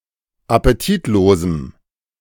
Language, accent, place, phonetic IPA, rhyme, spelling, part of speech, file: German, Germany, Berlin, [apeˈtiːtˌloːzm̩], -iːtloːzm̩, appetitlosem, adjective, De-appetitlosem.ogg
- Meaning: strong dative masculine/neuter singular of appetitlos